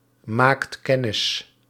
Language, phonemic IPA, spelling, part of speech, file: Dutch, /ˈmakt ˈkɛnɪs/, maakt kennis, verb, Nl-maakt kennis.ogg
- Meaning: inflection of kennismaken: 1. second/third-person singular present indicative 2. plural imperative